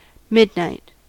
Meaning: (noun) 1. The middle of the night: the sixth temporal hour, equidistant between sunset and sunrise 2. Twelve o'clock at night exactly 3. Synonym of boxcars (“a pair of sixes”)
- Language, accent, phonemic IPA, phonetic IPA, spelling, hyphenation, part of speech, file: English, General American, /ˈmɪd(ˌ)naɪt/, [ˈmɪd̚ˌnɐɪt], midnight, mid‧night, noun / adjective, En-us-midnight.ogg